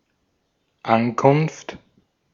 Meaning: arrival
- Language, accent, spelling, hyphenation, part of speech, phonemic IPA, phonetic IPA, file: German, Austria, Ankunft, An‧kunft, noun, /ˈankʊnft/, [ˈʔankʰʊnftʰ], De-at-Ankunft.ogg